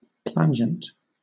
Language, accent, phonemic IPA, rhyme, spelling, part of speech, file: English, Southern England, /ˈplænd͡ʒənt/, -ændʒənt, plangent, adjective, LL-Q1860 (eng)-plangent.wav
- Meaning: 1. Having a loud, mournful sound 2. Beating, dashing, as waves